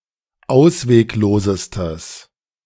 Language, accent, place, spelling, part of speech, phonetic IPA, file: German, Germany, Berlin, ausweglosestes, adjective, [ˈaʊ̯sveːkˌloːzəstəs], De-ausweglosestes.ogg
- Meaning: strong/mixed nominative/accusative neuter singular superlative degree of ausweglos